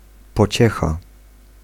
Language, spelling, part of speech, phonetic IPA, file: Polish, pociecha, noun, [pɔˈt͡ɕɛxa], Pl-pociecha.ogg